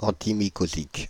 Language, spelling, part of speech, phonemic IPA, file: French, antimycosique, adjective, /ɑ̃.ti.mi.ko.zik/, Fr-antimycosique.ogg
- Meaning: antimycotic, antifungal